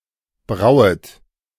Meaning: second-person plural subjunctive I of brauen
- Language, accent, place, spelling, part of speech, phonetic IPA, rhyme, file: German, Germany, Berlin, brauet, verb, [ˈbʁaʊ̯ət], -aʊ̯ət, De-brauet.ogg